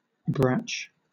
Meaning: Originally, a synonym of scent hound (“a hunting dog that tracks prey using its sense of smell rather than by its vision”); later, any female hound; a bitch hound
- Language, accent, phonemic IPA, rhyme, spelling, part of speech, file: English, Southern England, /bɹæt͡ʃ/, -ætʃ, brach, noun, LL-Q1860 (eng)-brach.wav